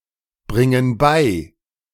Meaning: inflection of beibringen: 1. first/third-person plural present 2. first/third-person plural subjunctive I
- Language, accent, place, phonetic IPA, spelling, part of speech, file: German, Germany, Berlin, [ˌbʁɪŋən ˈbaɪ̯], bringen bei, verb, De-bringen bei.ogg